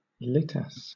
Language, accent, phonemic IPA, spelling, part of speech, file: English, Southern England, /ˈlɪtæs/, litas, noun, LL-Q1860 (eng)-litas.wav
- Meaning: The former currency or money of Lithuania, divided into 100 centai